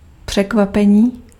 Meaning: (noun) 1. verbal noun of překvapit 2. surprise; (adjective) animate masculine nominative/vocative plural of překvapený
- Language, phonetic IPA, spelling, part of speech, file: Czech, [ˈpr̝̊ɛkvapɛɲiː], překvapení, noun / adjective, Cs-překvapení.ogg